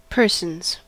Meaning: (noun) plural of person, used to refer to them individually, rather than as a group; contrast people; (verb) third-person singular simple present indicative of person
- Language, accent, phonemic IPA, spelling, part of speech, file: English, US, /ˈpɝ.sənz/, persons, noun / verb, En-us-persons.ogg